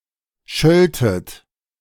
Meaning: second-person plural subjunctive II of schelten
- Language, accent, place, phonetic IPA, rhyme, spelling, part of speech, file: German, Germany, Berlin, [ˈʃœltət], -œltət, schöltet, verb, De-schöltet.ogg